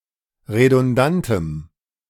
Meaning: strong dative masculine/neuter singular of redundant
- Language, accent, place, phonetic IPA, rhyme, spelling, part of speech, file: German, Germany, Berlin, [ʁedʊnˈdantəm], -antəm, redundantem, adjective, De-redundantem.ogg